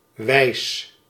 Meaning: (adjective) 1. wise 2. nice, fun (see usage notes); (noun) 1. tune 2. mode, method, manner 3. mood; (verb) inflection of wijzen: first-person singular present indicative
- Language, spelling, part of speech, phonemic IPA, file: Dutch, wijs, adjective / noun / verb, /ʋɛi̯s/, Nl-wijs.ogg